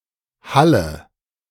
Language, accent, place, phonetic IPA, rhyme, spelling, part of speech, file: German, Germany, Berlin, [ˈhalə], -alə, halle, verb, De-halle.ogg
- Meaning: inflection of hallen: 1. first-person singular present 2. first/third-person singular subjunctive I 3. singular imperative